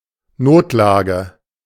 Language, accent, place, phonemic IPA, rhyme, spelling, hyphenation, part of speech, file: German, Germany, Berlin, /ˈnoːtˌlaːɡə/, -aːɡə, Notlage, Not‧la‧ge, noun, De-Notlage.ogg
- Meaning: emergency (situation requiring urgent assistance)